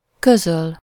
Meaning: to inform, report, announce, communicate
- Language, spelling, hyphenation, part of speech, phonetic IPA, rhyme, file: Hungarian, közöl, kö‧zöl, verb, [ˈkøzøl], -øl, Hu-közöl.ogg